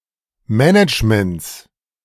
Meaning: 1. genitive singular of Management 2. plural of Management
- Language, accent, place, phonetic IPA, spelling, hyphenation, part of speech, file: German, Germany, Berlin, [ˈmɛnɪt͡ʃmənt͡s], Managements, Ma‧nage‧ments, noun, De-Managements.ogg